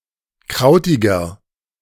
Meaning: inflection of krautig: 1. strong/mixed nominative masculine singular 2. strong genitive/dative feminine singular 3. strong genitive plural
- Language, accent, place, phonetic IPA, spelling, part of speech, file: German, Germany, Berlin, [ˈkʁaʊ̯tɪɡɐ], krautiger, adjective, De-krautiger.ogg